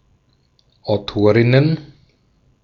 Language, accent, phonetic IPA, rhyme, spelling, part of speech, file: German, Austria, [aʊ̯ˈtoːʁɪnən], -oːʁɪnən, Autorinnen, noun, De-at-Autorinnen.ogg
- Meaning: plural of Autorin